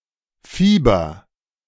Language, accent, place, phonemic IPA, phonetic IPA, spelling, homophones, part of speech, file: German, Germany, Berlin, /ˈfiːbər/, [ˈfiː.bɐ], Fieber, Fiber, noun, De-Fieber.ogg
- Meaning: 1. fever (heightened body temperature) 2. vigour, confidence 3. fever, bug (obsession for an activity)